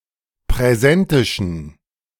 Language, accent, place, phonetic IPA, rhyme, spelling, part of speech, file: German, Germany, Berlin, [pʁɛˈzɛntɪʃn̩], -ɛntɪʃn̩, präsentischen, adjective, De-präsentischen.ogg
- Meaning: inflection of präsentisch: 1. strong genitive masculine/neuter singular 2. weak/mixed genitive/dative all-gender singular 3. strong/weak/mixed accusative masculine singular 4. strong dative plural